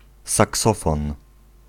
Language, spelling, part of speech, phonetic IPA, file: Polish, saksofon, noun, [saˈksɔfɔ̃n], Pl-saksofon.ogg